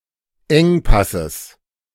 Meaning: genitive singular of Engpass
- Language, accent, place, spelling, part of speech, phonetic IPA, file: German, Germany, Berlin, Engpasses, noun, [ˈɛŋˌpasəs], De-Engpasses.ogg